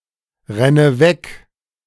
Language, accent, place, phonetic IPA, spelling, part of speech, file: German, Germany, Berlin, [ˌʁɛnə ˈvɛk], renne weg, verb, De-renne weg.ogg
- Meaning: inflection of wegrennen: 1. first-person singular present 2. first/third-person singular subjunctive I 3. singular imperative